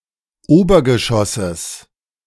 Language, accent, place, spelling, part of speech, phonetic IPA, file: German, Germany, Berlin, Obergeschosses, noun, [ˈoːbɐɡəˌʃɔsəs], De-Obergeschosses.ogg
- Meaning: genitive singular of Obergeschoss